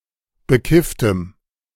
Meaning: strong dative masculine/neuter singular of bekifft
- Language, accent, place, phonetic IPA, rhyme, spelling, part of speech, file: German, Germany, Berlin, [bəˈkɪftəm], -ɪftəm, bekifftem, adjective, De-bekifftem.ogg